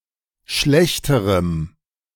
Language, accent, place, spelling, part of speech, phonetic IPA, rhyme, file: German, Germany, Berlin, schlechterem, adjective, [ˈʃlɛçtəʁəm], -ɛçtəʁəm, De-schlechterem.ogg
- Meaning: strong dative masculine/neuter singular comparative degree of schlecht